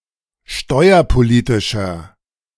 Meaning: inflection of steuerpolitisch: 1. strong/mixed nominative masculine singular 2. strong genitive/dative feminine singular 3. strong genitive plural
- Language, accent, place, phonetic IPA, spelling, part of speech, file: German, Germany, Berlin, [ˈʃtɔɪ̯ɐpoˌliːtɪʃɐ], steuerpolitischer, adjective, De-steuerpolitischer.ogg